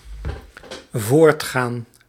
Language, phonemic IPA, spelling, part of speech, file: Dutch, /ˈvortxan/, voortgaan, verb, Nl-voortgaan.ogg
- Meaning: 1. to go forth, to progress 2. to continue